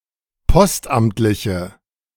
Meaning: inflection of postamtlich: 1. strong/mixed nominative/accusative feminine singular 2. strong nominative/accusative plural 3. weak nominative all-gender singular
- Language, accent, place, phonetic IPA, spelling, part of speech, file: German, Germany, Berlin, [ˈpɔstˌʔamtlɪçə], postamtliche, adjective, De-postamtliche.ogg